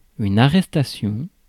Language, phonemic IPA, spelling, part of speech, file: French, /a.ʁɛs.ta.sjɔ̃/, arrestation, noun, Fr-arrestation.ogg
- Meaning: arrest (“The act of arresting a criminal, suspect, etc.”)